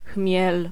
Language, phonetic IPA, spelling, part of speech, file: Polish, [xmʲjɛl], chmiel, noun / verb, Pl-chmiel.ogg